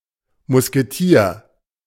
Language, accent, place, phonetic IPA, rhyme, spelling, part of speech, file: German, Germany, Berlin, [mʊskeˈtiːɐ̯], -iːɐ̯, Musketier, noun, De-Musketier.ogg
- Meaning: musketeer